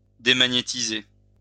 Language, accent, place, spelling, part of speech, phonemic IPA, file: French, France, Lyon, démagnétiser, verb, /de.ma.ɲe.ti.ze/, LL-Q150 (fra)-démagnétiser.wav
- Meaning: to demagnetize